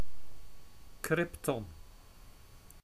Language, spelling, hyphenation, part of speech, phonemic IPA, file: Dutch, krypton, kryp‧ton, noun, /ˈkrɪp.tɔn/, Nl-krypton.ogg
- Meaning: krypton